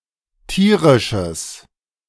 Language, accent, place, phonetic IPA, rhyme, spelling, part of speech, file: German, Germany, Berlin, [ˈtiːʁɪʃəs], -iːʁɪʃəs, tierisches, adjective, De-tierisches.ogg
- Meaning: strong/mixed nominative/accusative neuter singular of tierisch